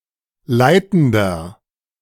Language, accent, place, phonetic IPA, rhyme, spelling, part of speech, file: German, Germany, Berlin, [ˈlaɪ̯tn̩dɐ], -aɪ̯tn̩dɐ, leitender, adjective, De-leitender.ogg
- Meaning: inflection of leitend: 1. strong/mixed nominative masculine singular 2. strong genitive/dative feminine singular 3. strong genitive plural